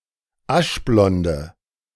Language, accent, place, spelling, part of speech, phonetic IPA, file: German, Germany, Berlin, aschblonde, adjective, [ˈaʃˌblɔndə], De-aschblonde.ogg
- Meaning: inflection of aschblond: 1. strong/mixed nominative/accusative feminine singular 2. strong nominative/accusative plural 3. weak nominative all-gender singular